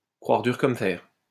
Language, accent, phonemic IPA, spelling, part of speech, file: French, France, /kʁwaʁ dyʁ kɔm fɛʁ/, croire dur comme fer, verb, LL-Q150 (fra)-croire dur comme fer.wav
- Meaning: to firmly believe in, to be firmly convinced of